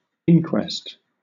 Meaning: 1. A formal investigation, often held before a jury, especially one into the cause of a death 2. An inquiry, typically into an undesired outcome
- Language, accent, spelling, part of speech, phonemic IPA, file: English, Southern England, inquest, noun, /ˈɪŋkwɛst/, LL-Q1860 (eng)-inquest.wav